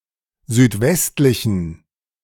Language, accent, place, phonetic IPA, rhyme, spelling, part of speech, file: German, Germany, Berlin, [zyːtˈvɛstlɪçn̩], -ɛstlɪçn̩, südwestlichen, adjective, De-südwestlichen.ogg
- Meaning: inflection of südwestlich: 1. strong genitive masculine/neuter singular 2. weak/mixed genitive/dative all-gender singular 3. strong/weak/mixed accusative masculine singular 4. strong dative plural